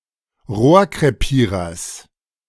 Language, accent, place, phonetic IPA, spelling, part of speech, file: German, Germany, Berlin, [ˈʁoːɐ̯kʁeˌpiːʁɐs], Rohrkrepierers, noun, De-Rohrkrepierers.ogg
- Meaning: genitive singular of Rohrkrepierer